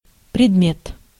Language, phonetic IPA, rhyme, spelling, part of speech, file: Russian, [prʲɪdˈmʲet], -et, предмет, noun, Ru-предмет.ogg
- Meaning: 1. object 2. subject, topic 3. subject 4. article, commodity, item 5. piece of work